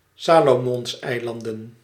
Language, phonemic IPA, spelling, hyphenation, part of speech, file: Dutch, /ˈsaːloːmɔnsˌɛi̯lɑndə(n)/, Salomonseilanden, Sa‧lo‧mons‧ei‧lan‧den, proper noun, Nl-Salomonseilanden.ogg
- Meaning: Solomon Islands (a country consisting of the majority of the Solomon Islands archipelago in Melanesia, in Oceania, as well as the Santa Cruz Islands)